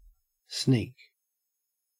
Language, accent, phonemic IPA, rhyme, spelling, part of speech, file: English, Australia, /sniːk/, -iːk, sneak, noun / verb / adjective, En-au-sneak.ogg
- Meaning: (noun) 1. One who sneaks; one who moves stealthily to acquire an item or information 2. The act of sneaking 3. A cheat; a con artist 4. An informer; a tell-tale